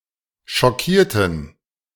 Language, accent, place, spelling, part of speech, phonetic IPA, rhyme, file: German, Germany, Berlin, schockierten, adjective / verb, [ʃɔˈkiːɐ̯tn̩], -iːɐ̯tn̩, De-schockierten.ogg
- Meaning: inflection of schockieren: 1. first/third-person plural preterite 2. first/third-person plural subjunctive II